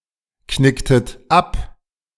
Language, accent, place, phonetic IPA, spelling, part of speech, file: German, Germany, Berlin, [ˌknɪktət ˈap], knicktet ab, verb, De-knicktet ab.ogg
- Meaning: inflection of abknicken: 1. second-person plural preterite 2. second-person plural subjunctive II